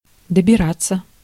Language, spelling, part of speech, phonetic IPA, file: Russian, добираться, verb, [dəbʲɪˈrat͡sːə], Ru-добираться.ogg
- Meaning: 1. to get (to), to reach 2. passive of добира́ть (dobirátʹ)